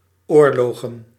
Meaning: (verb) to wage war; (noun) plural of oorlog
- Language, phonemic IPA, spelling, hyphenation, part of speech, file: Dutch, /ˈoːr.loː.ɣə(n)/, oorlogen, oor‧lo‧gen, verb / noun, Nl-oorlogen.ogg